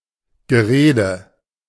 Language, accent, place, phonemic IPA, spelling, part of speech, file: German, Germany, Berlin, /ɡəˈʁeːdə/, Gerede, noun, De-Gerede.ogg
- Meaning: 1. gossip, gossiping 2. chatter, babble